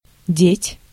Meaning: 1. to put, to place 2. to do with 3. to leave, to mislay
- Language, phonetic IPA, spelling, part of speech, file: Russian, [dʲetʲ], деть, verb, Ru-деть.ogg